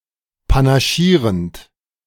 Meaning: present participle of panaschieren
- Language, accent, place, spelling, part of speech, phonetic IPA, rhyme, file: German, Germany, Berlin, panaschierend, verb, [panaˈʃiːʁənt], -iːʁənt, De-panaschierend.ogg